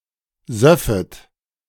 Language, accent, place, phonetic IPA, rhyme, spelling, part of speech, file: German, Germany, Berlin, [ˈzœfət], -œfət, söffet, verb, De-söffet.ogg
- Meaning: second-person plural subjunctive II of saufen